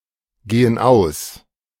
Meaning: inflection of ausgehen: 1. first/third-person plural present 2. first/third-person plural subjunctive I
- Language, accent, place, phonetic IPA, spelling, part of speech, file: German, Germany, Berlin, [ˌɡeːən ˈaʊ̯s], gehen aus, verb, De-gehen aus.ogg